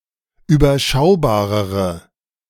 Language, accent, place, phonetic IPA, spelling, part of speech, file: German, Germany, Berlin, [yːbɐˈʃaʊ̯baːʁəʁə], überschaubarere, adjective, De-überschaubarere.ogg
- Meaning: inflection of überschaubar: 1. strong/mixed nominative/accusative feminine singular comparative degree 2. strong nominative/accusative plural comparative degree